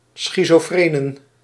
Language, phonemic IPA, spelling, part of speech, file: Dutch, /ˌsxitsoˈfrenə(n)/, schizofrenen, noun, Nl-schizofrenen.ogg
- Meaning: plural of schizofreen